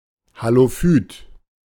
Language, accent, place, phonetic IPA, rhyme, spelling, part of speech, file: German, Germany, Berlin, [haloˈfyːt], -yːt, Halophyt, noun, De-Halophyt.ogg
- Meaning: halophyte